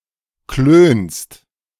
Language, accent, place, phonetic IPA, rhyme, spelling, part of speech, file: German, Germany, Berlin, [kløːnst], -øːnst, klönst, verb, De-klönst.ogg
- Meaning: second-person singular present of klönen